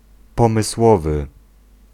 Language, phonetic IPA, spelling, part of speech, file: Polish, [ˌpɔ̃mɨˈswɔvɨ], pomysłowy, adjective, Pl-pomysłowy.ogg